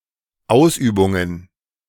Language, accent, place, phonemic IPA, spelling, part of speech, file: German, Germany, Berlin, /ˈʔaʊ̯sˌʔyːbʊŋən/, Ausübungen, noun, De-Ausübungen.ogg
- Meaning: plural of Ausübung